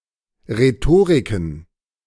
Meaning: plural of Rhetorik
- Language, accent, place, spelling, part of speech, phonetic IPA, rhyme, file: German, Germany, Berlin, Rhetoriken, noun, [ʁeˈtoːʁɪkn̩], -oːʁɪkn̩, De-Rhetoriken.ogg